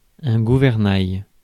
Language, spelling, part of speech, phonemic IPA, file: French, gouvernail, noun, /ɡu.vɛʁ.naj/, Fr-gouvernail.ogg
- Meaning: rudder (underwater vane used to steer a vessel)